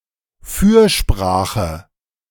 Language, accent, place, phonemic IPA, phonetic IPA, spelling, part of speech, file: German, Germany, Berlin, /ˈfyːrˌʃpraːxə/, [ˈfyɐ̯ˌʃpʁäːχə], Fürsprache, noun, De-Fürsprache.ogg
- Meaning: 1. good word; recommendation; advocacy 2. intercession of a saint